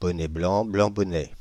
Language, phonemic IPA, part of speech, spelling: French, /bɔ.nɛ blɑ̃ | blɑ̃ bɔ.nɛ/, phrase, bonnet blanc, blanc bonnet
- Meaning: tomayto, tomahto; same difference; six of one, half a dozen of the other